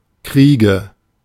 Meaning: nominative/accusative/genitive plural of Krieg
- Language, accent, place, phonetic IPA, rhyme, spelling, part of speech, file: German, Germany, Berlin, [ˈkʁiːɡə], -iːɡə, Kriege, noun, De-Kriege.ogg